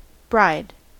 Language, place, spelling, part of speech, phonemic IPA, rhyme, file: English, California, bride, noun / verb, /bɹaɪd/, -aɪd, En-us-bride.ogg
- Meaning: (noun) 1. A woman in the context of her own wedding; one who is going to marry or has just been married 2. An object ardently loved; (verb) to make a bride of